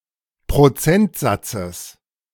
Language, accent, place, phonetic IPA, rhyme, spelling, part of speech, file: German, Germany, Berlin, [pʁoˈt͡sɛntˌzat͡səs], -ɛntzat͡səs, Prozentsatzes, noun, De-Prozentsatzes.ogg
- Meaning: genitive singular of Prozentsatz